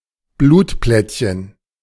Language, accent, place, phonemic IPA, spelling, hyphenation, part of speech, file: German, Germany, Berlin, /ˈbluːtˌplɛtçən/, Blutplättchen, Blut‧plätt‧chen, noun, De-Blutplättchen.ogg
- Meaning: platelet, thrombocyte